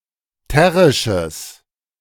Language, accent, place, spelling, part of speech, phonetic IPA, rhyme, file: German, Germany, Berlin, terrisches, adjective, [ˈtɛʁɪʃəs], -ɛʁɪʃəs, De-terrisches.ogg
- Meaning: strong/mixed nominative/accusative neuter singular of terrisch